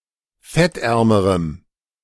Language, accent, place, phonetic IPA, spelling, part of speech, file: German, Germany, Berlin, [ˈfɛtˌʔɛʁməʁəm], fettärmerem, adjective, De-fettärmerem.ogg
- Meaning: strong dative masculine/neuter singular comparative degree of fettarm